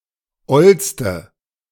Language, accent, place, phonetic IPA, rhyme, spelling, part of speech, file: German, Germany, Berlin, [ˈɔlstə], -ɔlstə, ollste, adjective, De-ollste.ogg
- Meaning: inflection of oll: 1. strong/mixed nominative/accusative feminine singular superlative degree 2. strong nominative/accusative plural superlative degree